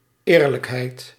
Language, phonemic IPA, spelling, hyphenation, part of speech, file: Dutch, /ˈeːr.ləkˌɦɛi̯t/, eerlijkheid, eer‧lijk‧heid, noun, Nl-eerlijkheid.ogg
- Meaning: 1. honesty 2. fairness, justness